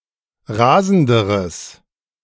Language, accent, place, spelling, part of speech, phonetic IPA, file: German, Germany, Berlin, rasenderes, adjective, [ˈʁaːzn̩dəʁəs], De-rasenderes.ogg
- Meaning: strong/mixed nominative/accusative neuter singular comparative degree of rasend